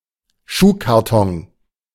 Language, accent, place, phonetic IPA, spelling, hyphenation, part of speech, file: German, Germany, Berlin, [ˈʃuːkaʁˌtɔŋ], Schuhkarton, Schuh‧kar‧ton, noun, De-Schuhkarton.ogg
- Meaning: shoebox